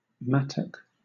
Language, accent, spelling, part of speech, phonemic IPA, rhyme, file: English, Southern England, mattock, noun / verb, /ˈmætək/, -ætək, LL-Q1860 (eng)-mattock.wav
- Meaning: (noun) An agricultural tool whose blades are at right angles to the body, similar to a pickaxe; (verb) To cut or dig with a mattock